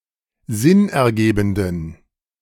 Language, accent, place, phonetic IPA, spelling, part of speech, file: German, Germany, Berlin, [ˈzɪnʔɛɐ̯ˌɡeːbn̩dən], sinnergebenden, adjective, De-sinnergebenden.ogg
- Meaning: inflection of sinnergebend: 1. strong genitive masculine/neuter singular 2. weak/mixed genitive/dative all-gender singular 3. strong/weak/mixed accusative masculine singular 4. strong dative plural